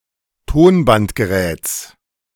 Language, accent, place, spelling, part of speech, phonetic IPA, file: German, Germany, Berlin, Tonbandgeräts, noun, [ˈtoːnbantɡəˌʁɛːt͡s], De-Tonbandgeräts.ogg
- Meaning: genitive of Tonbandgerät